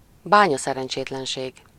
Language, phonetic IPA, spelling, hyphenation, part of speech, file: Hungarian, [ˈbaːɲɒsɛrɛnt͡ʃeːtlɛnʃeːɡ], bányaszerencsétlenség, bá‧nya‧sze‧ren‧csét‧len‧ség, noun, Hu-bányaszerencsétlenség.ogg
- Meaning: mining accident, mining disaster, colliery disaster